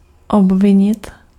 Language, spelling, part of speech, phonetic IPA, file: Czech, obvinit, verb, [ˈobvɪɲɪt], Cs-obvinit.ogg
- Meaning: to charge, to accuse